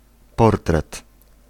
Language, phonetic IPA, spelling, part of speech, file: Polish, [ˈpɔrtrɛt], portret, noun, Pl-portret.ogg